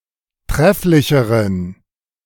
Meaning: inflection of trefflich: 1. strong genitive masculine/neuter singular comparative degree 2. weak/mixed genitive/dative all-gender singular comparative degree
- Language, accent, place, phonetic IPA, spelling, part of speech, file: German, Germany, Berlin, [ˈtʁɛflɪçəʁən], trefflicheren, adjective, De-trefflicheren.ogg